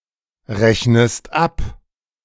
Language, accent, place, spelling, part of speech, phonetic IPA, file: German, Germany, Berlin, rechnest ab, verb, [ˌʁɛçnəst ˈap], De-rechnest ab.ogg
- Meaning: inflection of abrechnen: 1. second-person singular present 2. second-person singular subjunctive I